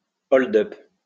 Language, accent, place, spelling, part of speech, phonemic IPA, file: French, France, Lyon, hold-up, noun, /ɔl.dœp/, LL-Q150 (fra)-hold-up.wav
- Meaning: hold-up (robbery)